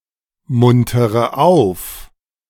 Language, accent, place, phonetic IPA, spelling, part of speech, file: German, Germany, Berlin, [ˌmʊntəʁə ˈaʊ̯f], muntere auf, verb, De-muntere auf.ogg
- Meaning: inflection of aufmuntern: 1. first-person singular present 2. first/third-person singular subjunctive I 3. singular imperative